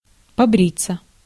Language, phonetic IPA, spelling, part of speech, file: Russian, [pɐˈbrʲit͡sːə], побриться, verb, Ru-побриться.ogg
- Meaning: 1. to shave oneself (intransitive) 2. passive of побри́ть (pobrítʹ)